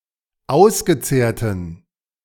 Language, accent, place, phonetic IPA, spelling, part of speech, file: German, Germany, Berlin, [ˈaʊ̯sɡəˌt͡seːɐ̯tn̩], ausgezehrten, adjective, De-ausgezehrten.ogg
- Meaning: inflection of ausgezehrt: 1. strong genitive masculine/neuter singular 2. weak/mixed genitive/dative all-gender singular 3. strong/weak/mixed accusative masculine singular 4. strong dative plural